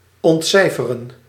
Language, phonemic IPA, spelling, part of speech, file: Dutch, /ˌɔntˈsɛi̯.fə.rə(n)/, ontcijferen, verb, Nl-ontcijferen.ogg
- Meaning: to decipher, figure out